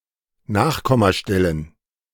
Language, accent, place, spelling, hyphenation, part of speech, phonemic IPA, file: German, Germany, Berlin, Nachkommastellen, Nach‧kom‧ma‧stel‧len, noun, /ˈnaːχˌkɔmaˌʃtɛlən/, De-Nachkommastellen.ogg
- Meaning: plural of Nachkommastelle